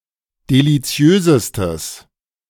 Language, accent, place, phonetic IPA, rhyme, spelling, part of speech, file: German, Germany, Berlin, [deliˈt͡si̯øːzəstəs], -øːzəstəs, deliziösestes, adjective, De-deliziösestes.ogg
- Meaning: strong/mixed nominative/accusative neuter singular superlative degree of deliziös